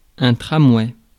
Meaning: tram (passenger vehicle)
- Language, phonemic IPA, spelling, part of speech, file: French, /tʁa.mwɛ/, tramway, noun, Fr-tramway.ogg